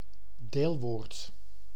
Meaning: a participle, a verb form that may function nominally or adjectivally
- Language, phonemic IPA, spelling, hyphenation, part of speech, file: Dutch, /ˈdeːl.ʋoːrt/, deelwoord, deel‧woord, noun, Nl-deelwoord.ogg